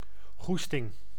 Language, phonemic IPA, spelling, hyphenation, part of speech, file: Dutch, /ˈɣustɪŋ/, goesting, goes‧ting, noun, Nl-goesting.ogg
- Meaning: desire, appetite